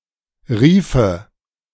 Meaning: first/third-person singular subjunctive II of rufen
- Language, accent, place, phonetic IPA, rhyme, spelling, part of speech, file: German, Germany, Berlin, [ˈʁiːfə], -iːfə, riefe, verb, De-riefe.ogg